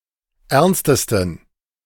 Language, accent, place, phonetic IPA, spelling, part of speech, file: German, Germany, Berlin, [ˈɛʁnstəstn̩], ernstesten, adjective, De-ernstesten.ogg
- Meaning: 1. superlative degree of ernst 2. inflection of ernst: strong genitive masculine/neuter singular superlative degree